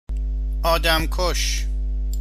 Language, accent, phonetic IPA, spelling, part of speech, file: Persian, Iran, [ʔɒː.d̪æm.kʰóʃ], آدمکش, noun, Fa-آدمکش.ogg
- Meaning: assassin, murderer